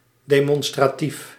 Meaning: demonstrative, expressive
- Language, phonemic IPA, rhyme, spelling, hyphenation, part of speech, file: Dutch, /ˌdeː.mɔn.straːˈtif/, -if, demonstratief, de‧mon‧stra‧tief, adjective, Nl-demonstratief.ogg